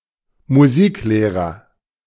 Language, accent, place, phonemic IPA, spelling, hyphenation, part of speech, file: German, Germany, Berlin, /muˈziːkˌleːʁɐ/, Musiklehrer, Mu‧sik‧leh‧rer, noun, De-Musiklehrer.ogg
- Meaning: music teacher